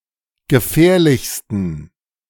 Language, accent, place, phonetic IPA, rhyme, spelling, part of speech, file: German, Germany, Berlin, [ɡəˈfɛːɐ̯lɪçstn̩], -ɛːɐ̯lɪçstn̩, gefährlichsten, adjective, De-gefährlichsten.ogg
- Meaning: 1. superlative degree of gefährlich 2. inflection of gefährlich: strong genitive masculine/neuter singular superlative degree